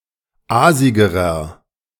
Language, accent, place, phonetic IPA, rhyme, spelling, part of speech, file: German, Germany, Berlin, [ˈaːzɪɡəʁɐ], -aːzɪɡəʁɐ, aasigerer, adjective, De-aasigerer.ogg
- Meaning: inflection of aasig: 1. strong/mixed nominative masculine singular comparative degree 2. strong genitive/dative feminine singular comparative degree 3. strong genitive plural comparative degree